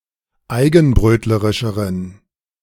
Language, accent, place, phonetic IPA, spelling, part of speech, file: German, Germany, Berlin, [ˈaɪ̯ɡn̩ˌbʁøːtləʁɪʃəʁən], eigenbrötlerischeren, adjective, De-eigenbrötlerischeren.ogg
- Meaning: inflection of eigenbrötlerisch: 1. strong genitive masculine/neuter singular comparative degree 2. weak/mixed genitive/dative all-gender singular comparative degree